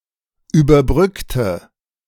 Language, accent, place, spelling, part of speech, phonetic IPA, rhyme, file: German, Germany, Berlin, überbrückte, adjective / verb, [yːbɐˈbʁʏktə], -ʏktə, De-überbrückte.ogg
- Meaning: inflection of überbrücken: 1. first/third-person singular preterite 2. first/third-person singular subjunctive II